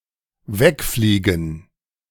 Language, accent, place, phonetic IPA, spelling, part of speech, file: German, Germany, Berlin, [ˈvɛkˌfliːɡn̩], wegfliegen, verb, De-wegfliegen.ogg
- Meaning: 1. to fly away 2. to drive something away through the air